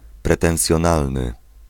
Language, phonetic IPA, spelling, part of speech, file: Polish, [ˌprɛtɛ̃w̃sʲjɔ̃ˈnalnɨ], pretensjonalny, adjective, Pl-pretensjonalny.ogg